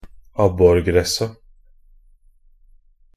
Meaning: definite plural of abborgress
- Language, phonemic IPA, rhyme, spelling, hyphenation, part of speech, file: Norwegian Bokmål, /ˈabːɔrɡrɛsːa/, -ɛsːa, abborgressa, ab‧bor‧gres‧sa, noun, Nb-abborgressa.ogg